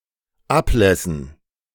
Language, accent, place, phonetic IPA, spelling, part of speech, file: German, Germany, Berlin, [ˈapˌlɛsn̩], Ablässen, noun, De-Ablässen.ogg
- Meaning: dative plural of Ablass